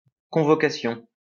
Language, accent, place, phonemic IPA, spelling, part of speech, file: French, France, Lyon, /kɔ̃.vɔ.ka.sjɔ̃/, convocation, noun, LL-Q150 (fra)-convocation.wav
- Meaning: summons (formal request to come, formal order to appear)